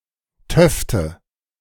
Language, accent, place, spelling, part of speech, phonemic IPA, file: German, Germany, Berlin, töfte, adjective, /ˈtœftə/, De-töfte.ogg
- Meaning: good, great, sweet